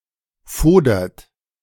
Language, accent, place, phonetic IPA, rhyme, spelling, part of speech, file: German, Germany, Berlin, [ˈfoːdɐt], -oːdɐt, fodert, verb, De-fodert.ogg
- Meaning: inflection of fodern: 1. second-person plural present 2. third-person singular present 3. plural imperative